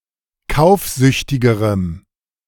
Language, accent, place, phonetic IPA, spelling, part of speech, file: German, Germany, Berlin, [ˈkaʊ̯fˌzʏçtɪɡəʁəm], kaufsüchtigerem, adjective, De-kaufsüchtigerem.ogg
- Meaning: strong dative masculine/neuter singular comparative degree of kaufsüchtig